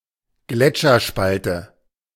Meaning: crevasse
- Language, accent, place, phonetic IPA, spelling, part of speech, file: German, Germany, Berlin, [ˈɡlɛt͡ʃɐˌʃpaltə], Gletscherspalte, noun, De-Gletscherspalte.ogg